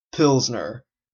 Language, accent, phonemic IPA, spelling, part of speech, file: English, Canada, /ˈpɪlznə/, pilsner, noun, En-ca-pilsner.oga
- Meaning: A pale, light lager beer